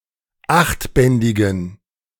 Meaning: inflection of achtbändig: 1. strong genitive masculine/neuter singular 2. weak/mixed genitive/dative all-gender singular 3. strong/weak/mixed accusative masculine singular 4. strong dative plural
- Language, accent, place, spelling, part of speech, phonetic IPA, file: German, Germany, Berlin, achtbändigen, adjective, [ˈaxtˌbɛndɪɡn̩], De-achtbändigen.ogg